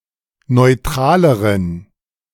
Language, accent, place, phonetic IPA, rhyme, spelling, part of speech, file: German, Germany, Berlin, [nɔɪ̯ˈtʁaːləʁən], -aːləʁən, neutraleren, adjective, De-neutraleren.ogg
- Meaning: inflection of neutral: 1. strong genitive masculine/neuter singular comparative degree 2. weak/mixed genitive/dative all-gender singular comparative degree